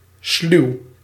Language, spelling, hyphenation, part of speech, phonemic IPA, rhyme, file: Dutch, sluw, sluw, adjective, /slyu̯/, -yu̯, Nl-sluw.ogg
- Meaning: sly, cunning